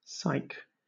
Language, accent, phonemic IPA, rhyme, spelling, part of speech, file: English, Southern England, /ˈsaɪk/, -aɪk, psyche, noun / interjection / verb, LL-Q1860 (eng)-psyche.wav
- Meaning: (noun) Abbreviation of psychology; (interjection) Alternative form of psych